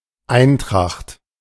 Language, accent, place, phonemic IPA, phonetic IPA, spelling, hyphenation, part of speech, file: German, Germany, Berlin, /ˈaɪ̯nˌtʁaxt/, [ˈaɪ̯nˌtʁaχt], Eintracht, Ein‧tracht, noun, De-Eintracht.ogg
- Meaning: 1. concord 2. harmony 3. unity